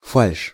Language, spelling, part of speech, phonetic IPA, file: Russian, фальшь, noun, [falʲʂ], Ru-фальшь.ogg
- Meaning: 1. falsity, falsehood 2. insincerity 3. false note(s); singing / playing out of tune